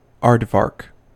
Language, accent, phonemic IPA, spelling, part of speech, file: English, US, /ˈɑɹd.vɑɹk/, aardvark, noun, En-us-aardvark.ogg
- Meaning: The nocturnal, insectivorous, burrowing mammal Orycteropus afer, of the order Tubulidentata and somewhat resembling a pig. Common in some parts of sub-Saharan Africa